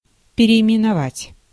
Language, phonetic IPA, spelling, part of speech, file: Russian, [pʲɪrʲɪɪmʲɪnɐˈvatʲ], переименовать, verb, Ru-переименовать.ogg
- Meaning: to rename, to give a new name